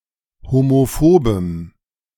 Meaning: strong dative masculine/neuter singular of homophob
- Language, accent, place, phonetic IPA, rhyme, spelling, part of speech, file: German, Germany, Berlin, [homoˈfoːbəm], -oːbəm, homophobem, adjective, De-homophobem.ogg